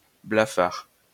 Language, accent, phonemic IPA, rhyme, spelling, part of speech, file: French, France, /bla.faʁ/, -aʁ, blafard, adjective, LL-Q150 (fra)-blafard.wav
- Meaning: pale, wan, pallid